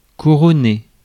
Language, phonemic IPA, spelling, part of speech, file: French, /ku.ʁɔ.ne/, couronner, verb, Fr-couronner.ogg
- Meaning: to crown